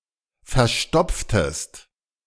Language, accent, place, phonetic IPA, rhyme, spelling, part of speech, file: German, Germany, Berlin, [fɛɐ̯ˈʃtɔp͡ftəst], -ɔp͡ftəst, verstopftest, verb, De-verstopftest.ogg
- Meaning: inflection of verstopfen: 1. second-person singular preterite 2. second-person singular subjunctive II